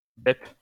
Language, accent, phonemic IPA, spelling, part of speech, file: French, France, /dɛp/, dep, noun, LL-Q150 (fra)-dep.wav
- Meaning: gay; faggot